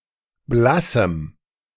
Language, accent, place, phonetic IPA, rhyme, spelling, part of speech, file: German, Germany, Berlin, [ˈblasm̩], -asm̩, blassem, adjective, De-blassem.ogg
- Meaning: strong dative masculine/neuter singular of blass